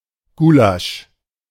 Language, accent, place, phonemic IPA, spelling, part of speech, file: German, Germany, Berlin, /ˈɡuːlaʃ/, Gulasch, noun, De-Gulasch.ogg
- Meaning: 1. goulash 2. Diced meat from cuts suitable for braising and stewing